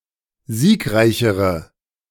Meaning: inflection of siegreich: 1. strong/mixed nominative/accusative feminine singular comparative degree 2. strong nominative/accusative plural comparative degree
- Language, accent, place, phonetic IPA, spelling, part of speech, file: German, Germany, Berlin, [ˈziːkˌʁaɪ̯çəʁə], siegreichere, adjective, De-siegreichere.ogg